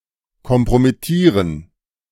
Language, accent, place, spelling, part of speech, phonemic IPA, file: German, Germany, Berlin, kompromittieren, verb, /kɔmpʁomɪˈtiːʁən/, De-kompromittieren.ogg
- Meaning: to compromise (breach a security system)